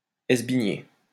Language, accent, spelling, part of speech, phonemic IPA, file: French, France, esbigner, verb, /ɛs.bi.ɲe/, LL-Q150 (fra)-esbigner.wav
- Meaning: 1. to steal 2. to steal away